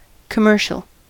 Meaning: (noun) 1. An advertisement in a common media format, usually radio or television 2. A commercial trader, as opposed to an individual speculator 3. A commercial traveller 4. A male prostitute
- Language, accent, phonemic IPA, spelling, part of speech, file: English, General American, /kəˈmɝ.ʃəl/, commercial, noun / adjective, En-us-commercial.ogg